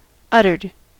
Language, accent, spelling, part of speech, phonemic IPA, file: English, US, uttered, verb, /ˈʌtɚd/, En-us-uttered.ogg
- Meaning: simple past and past participle of utter